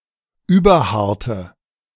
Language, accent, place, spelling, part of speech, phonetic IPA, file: German, Germany, Berlin, überharte, adjective, [ˈyːbɐˌhaʁtə], De-überharte.ogg
- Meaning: inflection of überhart: 1. strong/mixed nominative/accusative feminine singular 2. strong nominative/accusative plural 3. weak nominative all-gender singular